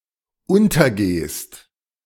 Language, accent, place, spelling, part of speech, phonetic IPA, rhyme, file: German, Germany, Berlin, untergehst, verb, [ˈʊntɐˌɡeːst], -ʊntɐɡeːst, De-untergehst.ogg
- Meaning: second-person singular dependent present of untergehen